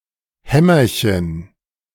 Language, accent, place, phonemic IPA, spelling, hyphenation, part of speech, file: German, Germany, Berlin, /ˈhɛ.mɐ.çən/, Hämmerchen, Häm‧mer‧chen, noun, De-Hämmerchen.ogg
- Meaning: diminutive of Hammer